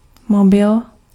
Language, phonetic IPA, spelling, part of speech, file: Czech, [ˈmobɪl], mobil, noun, Cs-mobil.ogg
- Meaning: mobile, cellular